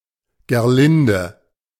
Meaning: a female given name, notably of the mother of Hartmut in German mythology
- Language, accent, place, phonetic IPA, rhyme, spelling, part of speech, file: German, Germany, Berlin, [ɡeːɐ̯ˈlɪndə], -ɪndə, Gerlinde, proper noun, De-Gerlinde.ogg